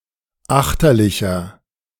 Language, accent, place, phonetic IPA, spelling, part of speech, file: German, Germany, Berlin, [ˈaxtɐlɪçɐ], achterlicher, adjective, De-achterlicher.ogg
- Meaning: inflection of achterlich: 1. strong/mixed nominative masculine singular 2. strong genitive/dative feminine singular 3. strong genitive plural